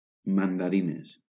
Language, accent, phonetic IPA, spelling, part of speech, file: Catalan, Valencia, [man.daˈɾi.nes], mandarines, noun, LL-Q7026 (cat)-mandarines.wav
- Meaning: plural of mandarina